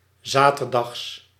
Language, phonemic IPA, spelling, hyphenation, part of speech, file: Dutch, /ˈzaː.tərˌdɑxs/, zaterdags, za‧ter‧dags, adjective / adverb / noun, Nl-zaterdags.ogg
- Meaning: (adjective) Saturday; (adverb) synonym of 's zaterdags; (noun) genitive singular of zaterdag